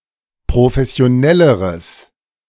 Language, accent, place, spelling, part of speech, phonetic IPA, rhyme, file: German, Germany, Berlin, professionelleres, adjective, [pʁofɛsi̯oˈnɛləʁəs], -ɛləʁəs, De-professionelleres.ogg
- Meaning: strong/mixed nominative/accusative neuter singular comparative degree of professionell